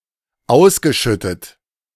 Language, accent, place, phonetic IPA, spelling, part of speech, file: German, Germany, Berlin, [ˈaʊ̯sɡəˌʃʏtət], ausgeschüttet, verb, De-ausgeschüttet.ogg
- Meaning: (verb) past participle of ausschütten; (adjective) distributed